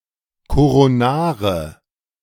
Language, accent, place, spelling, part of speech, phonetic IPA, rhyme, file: German, Germany, Berlin, koronare, adjective, [koʁoˈnaːʁə], -aːʁə, De-koronare.ogg
- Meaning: inflection of koronar: 1. strong/mixed nominative/accusative feminine singular 2. strong nominative/accusative plural 3. weak nominative all-gender singular 4. weak accusative feminine/neuter singular